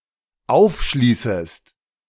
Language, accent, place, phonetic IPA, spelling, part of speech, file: German, Germany, Berlin, [ˈaʊ̯fˌʃliːsəst], aufschließest, verb, De-aufschließest.ogg
- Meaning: second-person singular dependent subjunctive I of aufschließen